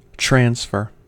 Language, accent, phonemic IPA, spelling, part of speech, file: English, US, /ˈtɹæns.fɚ/, transfer, verb / noun, En-us-transfer.ogg
- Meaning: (verb) 1. To move or pass from one place, person or thing to another 2. To convey the impression of (something) from one surface to another